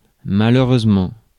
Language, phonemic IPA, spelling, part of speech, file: French, /ma.lø.ʁøz.mɑ̃/, malheureusement, adverb, Fr-malheureusement.ogg
- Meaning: 1. unfortunately 2. sadly